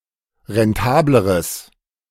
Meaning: strong/mixed nominative/accusative neuter singular comparative degree of rentabel
- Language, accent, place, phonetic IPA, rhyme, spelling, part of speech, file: German, Germany, Berlin, [ʁɛnˈtaːbləʁəs], -aːbləʁəs, rentableres, adjective, De-rentableres.ogg